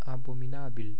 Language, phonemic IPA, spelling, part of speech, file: Romanian, /a.bo.miˈna.bil/, abominabil, adjective, Ro-abominabil.ogg
- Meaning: abominable (hateful, detestable, loathsome)